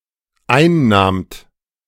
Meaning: second-person plural dependent preterite of einnehmen
- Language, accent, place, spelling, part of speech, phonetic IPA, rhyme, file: German, Germany, Berlin, einnahmt, verb, [ˈaɪ̯nˌnaːmt], -aɪ̯nnaːmt, De-einnahmt.ogg